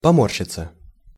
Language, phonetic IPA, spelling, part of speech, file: Russian, [pɐˈmorɕːɪt͡sə], поморщиться, verb, Ru-поморщиться.ogg
- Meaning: 1. to wrinkle (to pucker or become uneven or irregular) 2. to wince, to make a wry face